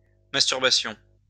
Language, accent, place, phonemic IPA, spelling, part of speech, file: French, France, Lyon, /mas.tyʁ.ba.sjɔ̃/, masturbations, noun, LL-Q150 (fra)-masturbations.wav
- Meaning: plural of masturbation